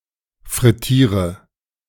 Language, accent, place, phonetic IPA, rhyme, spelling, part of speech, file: German, Germany, Berlin, [fʁɪˈtiːʁə], -iːʁə, frittiere, verb, De-frittiere.ogg
- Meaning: inflection of frittieren: 1. first-person singular present 2. singular imperative 3. first/third-person singular subjunctive I